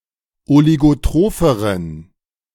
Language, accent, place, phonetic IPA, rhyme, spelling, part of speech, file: German, Germany, Berlin, [oliɡoˈtʁoːfəʁən], -oːfəʁən, oligotropheren, adjective, De-oligotropheren.ogg
- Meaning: inflection of oligotroph: 1. strong genitive masculine/neuter singular comparative degree 2. weak/mixed genitive/dative all-gender singular comparative degree